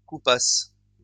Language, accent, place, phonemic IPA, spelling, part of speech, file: French, France, Lyon, /ku.pas/, coupasse, verb, LL-Q150 (fra)-coupasse.wav
- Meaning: first-person singular imperfect subjunctive of couper